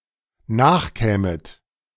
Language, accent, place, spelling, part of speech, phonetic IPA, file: German, Germany, Berlin, nachkämet, verb, [ˈnaːxˌkɛːmət], De-nachkämet.ogg
- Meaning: second-person plural dependent subjunctive II of nachkommen